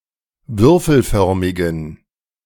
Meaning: inflection of würfelförmig: 1. strong genitive masculine/neuter singular 2. weak/mixed genitive/dative all-gender singular 3. strong/weak/mixed accusative masculine singular 4. strong dative plural
- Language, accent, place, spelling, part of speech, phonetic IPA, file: German, Germany, Berlin, würfelförmigen, adjective, [ˈvʏʁfl̩ˌfœʁmɪɡn̩], De-würfelförmigen.ogg